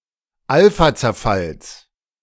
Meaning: genitive singular of Alphazerfall
- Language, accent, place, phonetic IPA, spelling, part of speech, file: German, Germany, Berlin, [ˈalfat͡sɛɐ̯ˌfals], Alphazerfalls, noun, De-Alphazerfalls.ogg